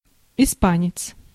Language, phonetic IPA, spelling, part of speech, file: Russian, [ɪˈspanʲɪt͡s], испанец, noun, Ru-испанец.ogg
- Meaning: Spaniard, a Spanish person (person from Spain)